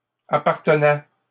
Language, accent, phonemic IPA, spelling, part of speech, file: French, Canada, /a.paʁ.tə.nɛ/, appartenait, verb, LL-Q150 (fra)-appartenait.wav
- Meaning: third-person singular imperfect indicative of appartenir